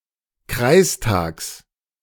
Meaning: genitive singular of Kreistag
- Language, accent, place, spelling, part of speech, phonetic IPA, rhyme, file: German, Germany, Berlin, Kreistags, noun, [ˈkʁaɪ̯sˌtaːks], -aɪ̯staːks, De-Kreistags.ogg